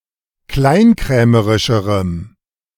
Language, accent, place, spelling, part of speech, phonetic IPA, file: German, Germany, Berlin, kleinkrämerischerem, adjective, [ˈklaɪ̯nˌkʁɛːməʁɪʃəʁəm], De-kleinkrämerischerem.ogg
- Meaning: strong dative masculine/neuter singular comparative degree of kleinkrämerisch